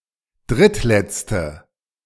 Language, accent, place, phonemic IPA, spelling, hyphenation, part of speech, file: German, Germany, Berlin, /ˈdʁɪtˌlɛt͡stə/, drittletzte, dritt‧letz‧te, adjective, De-drittletzte.ogg
- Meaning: third to last, last but two, antepenultimate